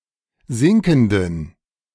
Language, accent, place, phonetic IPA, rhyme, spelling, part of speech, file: German, Germany, Berlin, [ˈzɪŋkn̩dən], -ɪŋkn̩dən, sinkenden, adjective, De-sinkenden.ogg
- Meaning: inflection of sinkend: 1. strong genitive masculine/neuter singular 2. weak/mixed genitive/dative all-gender singular 3. strong/weak/mixed accusative masculine singular 4. strong dative plural